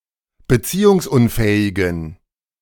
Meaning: inflection of beziehungsunfähig: 1. strong genitive masculine/neuter singular 2. weak/mixed genitive/dative all-gender singular 3. strong/weak/mixed accusative masculine singular
- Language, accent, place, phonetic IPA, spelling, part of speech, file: German, Germany, Berlin, [bəˈt͡siːʊŋsˌʔʊnfɛːɪɡn̩], beziehungsunfähigen, adjective, De-beziehungsunfähigen.ogg